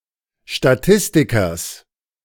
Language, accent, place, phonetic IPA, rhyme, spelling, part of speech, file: German, Germany, Berlin, [ʃtaˈtɪstɪkɐs], -ɪstɪkɐs, Statistikers, noun, De-Statistikers.ogg
- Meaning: genitive singular of Statistiker